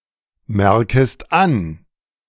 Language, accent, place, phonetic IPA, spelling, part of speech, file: German, Germany, Berlin, [ˌmɛʁkəst ˈan], merkest an, verb, De-merkest an.ogg
- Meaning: second-person singular subjunctive I of anmerken